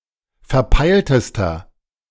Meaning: inflection of verpeilt: 1. strong/mixed nominative masculine singular superlative degree 2. strong genitive/dative feminine singular superlative degree 3. strong genitive plural superlative degree
- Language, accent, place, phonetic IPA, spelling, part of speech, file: German, Germany, Berlin, [fɛɐ̯ˈpaɪ̯ltəstɐ], verpeiltester, adjective, De-verpeiltester.ogg